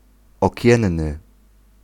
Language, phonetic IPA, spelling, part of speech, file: Polish, [ɔˈcɛ̃nːɨ], okienny, adjective, Pl-okienny.ogg